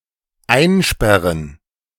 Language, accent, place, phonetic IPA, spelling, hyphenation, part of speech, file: German, Germany, Berlin, [ˈaɪ̯nˌʃpɛʁən], einsperren, ein‧sper‧ren, verb, De-einsperren.ogg
- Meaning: to lock up, to imprison, to jail